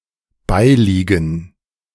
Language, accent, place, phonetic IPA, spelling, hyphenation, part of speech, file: German, Germany, Berlin, [ˈbaɪ̯ˌliːɡn̩], beiliegen, bei‧lie‧gen, verb, De-beiliegen.ogg
- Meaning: 1. to accompany (e.g. a letter, a package) 2. to have sex with, to lie with 3. to remain in a stable position despite the wind